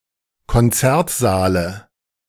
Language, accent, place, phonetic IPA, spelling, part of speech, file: German, Germany, Berlin, [kɔnˈt͡sɛʁtˌzaːlə], Konzertsaale, noun, De-Konzertsaale.ogg
- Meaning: dative singular of Konzertsaal